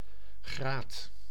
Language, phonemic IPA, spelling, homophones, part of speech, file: Dutch, /ɣraːt/, graat, graad, noun, Nl-graat.ogg
- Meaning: 1. fishbone 2. ridge